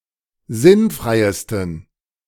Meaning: 1. superlative degree of sinnfrei 2. inflection of sinnfrei: strong genitive masculine/neuter singular superlative degree
- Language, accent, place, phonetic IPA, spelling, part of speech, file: German, Germany, Berlin, [ˈzɪnˌfʁaɪ̯stn̩], sinnfreisten, adjective, De-sinnfreisten.ogg